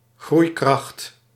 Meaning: the capability or potential to grow
- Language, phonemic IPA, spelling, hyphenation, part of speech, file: Dutch, /ˈɣrui̯.krɑxt/, groeikracht, groei‧kracht, noun, Nl-groeikracht.ogg